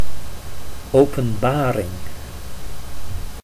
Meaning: revelation (dramatic disclosure)
- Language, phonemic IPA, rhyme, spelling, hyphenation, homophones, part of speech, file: Dutch, /ˌoː.pə(n)ˈbaː.rɪŋ/, -aːrɪŋ, openbaring, open‧ba‧ring, Openbaring, noun, Nl-openbaring.ogg